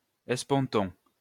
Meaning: spontoon
- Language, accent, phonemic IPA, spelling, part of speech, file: French, France, /ɛs.pɔ̃.tɔ̃/, esponton, noun, LL-Q150 (fra)-esponton.wav